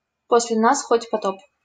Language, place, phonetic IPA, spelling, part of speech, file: Russian, Saint Petersburg, [ˌpos⁽ʲ⁾lʲɪ‿ˈnas ˈxotʲ pɐˈtop], после нас хоть потоп, phrase, LL-Q7737 (rus)-после нас хоть потоп.wav
- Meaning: after us the deluge